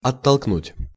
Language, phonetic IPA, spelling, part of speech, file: Russian, [ɐtːɐɫkˈnutʲ], оттолкнуть, verb, Ru-оттолкнуть.ogg
- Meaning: 1. to push back, to push away 2. to alienate, to antagonize